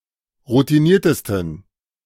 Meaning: 1. superlative degree of routiniert 2. inflection of routiniert: strong genitive masculine/neuter singular superlative degree
- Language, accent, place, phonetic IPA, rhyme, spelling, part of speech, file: German, Germany, Berlin, [ʁutiˈniːɐ̯təstn̩], -iːɐ̯təstn̩, routiniertesten, adjective, De-routiniertesten.ogg